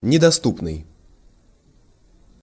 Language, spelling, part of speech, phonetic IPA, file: Russian, недоступный, adjective, [nʲɪdɐˈstupnɨj], Ru-недоступный.ogg
- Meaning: 1. inaccessible, unavailable 2. prohibitive (of price)